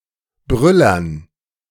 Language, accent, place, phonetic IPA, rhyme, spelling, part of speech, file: German, Germany, Berlin, [ˈbʁʏlɐn], -ʏlɐn, Brüllern, noun, De-Brüllern.ogg
- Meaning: dative plural of Brüller